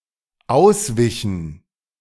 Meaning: inflection of ausweichen: 1. first/third-person plural dependent preterite 2. first/third-person plural dependent subjunctive II
- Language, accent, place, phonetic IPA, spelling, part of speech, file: German, Germany, Berlin, [ˈaʊ̯sˌvɪçn̩], auswichen, verb, De-auswichen.ogg